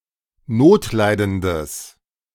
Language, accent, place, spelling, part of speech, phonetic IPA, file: German, Germany, Berlin, notleidendes, adjective, [ˈnoːtˌlaɪ̯dəndəs], De-notleidendes.ogg
- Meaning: strong/mixed nominative/accusative neuter singular of notleidend